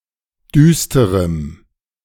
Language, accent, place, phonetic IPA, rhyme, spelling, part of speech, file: German, Germany, Berlin, [ˈdyːstəʁəm], -yːstəʁəm, düsterem, adjective, De-düsterem.ogg
- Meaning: strong dative masculine/neuter singular of düster